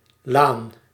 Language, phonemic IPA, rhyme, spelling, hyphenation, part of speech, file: Dutch, /laːn/, -aːn, laan, laan, noun, Nl-laan.ogg
- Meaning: lane, avenue